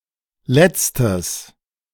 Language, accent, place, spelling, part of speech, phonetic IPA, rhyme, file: German, Germany, Berlin, letztes, adjective, [ˈlɛt͡stəs], -ɛt͡stəs, De-letztes.ogg
- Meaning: strong/mixed nominative/accusative neuter singular of letzte